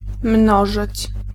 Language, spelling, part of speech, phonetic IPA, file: Polish, mnożyć, verb, [ˈmnɔʒɨt͡ɕ], Pl-mnożyć.ogg